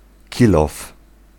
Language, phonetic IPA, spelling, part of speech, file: Polish, [ˈcilɔf], kilof, noun, Pl-kilof.ogg